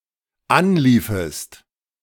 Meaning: second-person singular dependent subjunctive II of anlaufen
- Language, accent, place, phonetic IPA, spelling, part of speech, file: German, Germany, Berlin, [ˈanˌliːfəst], anliefest, verb, De-anliefest.ogg